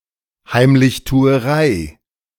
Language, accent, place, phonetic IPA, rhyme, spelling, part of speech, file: German, Germany, Berlin, [haɪ̯mlɪçtuːəˈʁaɪ̯], -aɪ̯, Heimlichtuerei, noun, De-Heimlichtuerei.ogg
- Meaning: secrecy